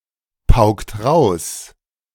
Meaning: inflection of pauken: 1. first/third-person singular preterite 2. first/third-person singular subjunctive II
- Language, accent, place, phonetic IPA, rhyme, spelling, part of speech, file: German, Germany, Berlin, [ˈpaʊ̯ktə], -aʊ̯ktə, paukte, verb, De-paukte.ogg